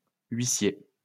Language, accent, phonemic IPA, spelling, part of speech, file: French, France, /ɥi.sje/, huissiers, noun, LL-Q150 (fra)-huissiers.wav
- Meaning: plural of huissier